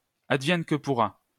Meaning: come what may; whatever happens, happens
- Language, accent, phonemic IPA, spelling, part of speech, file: French, France, /ad.vjɛn kə pu.ʁa/, advienne que pourra, adverb, LL-Q150 (fra)-advienne que pourra.wav